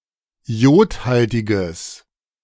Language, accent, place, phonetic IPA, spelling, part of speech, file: German, Germany, Berlin, [ˈi̯oːtˌhaltɪɡəs], iodhaltiges, adjective, De-iodhaltiges.ogg
- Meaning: strong/mixed nominative/accusative neuter singular of iodhaltig